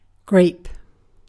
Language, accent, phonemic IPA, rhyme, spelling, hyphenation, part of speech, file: English, UK, /ɡɹeɪp/, -eɪp, grape, grape, noun / adjective / verb, En-uk-grape.ogg